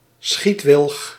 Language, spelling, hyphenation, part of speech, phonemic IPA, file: Dutch, schietwilg, schiet‧wilg, noun, /ˈsxit.ʋɪlx/, Nl-schietwilg.ogg
- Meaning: white willow, Salix alba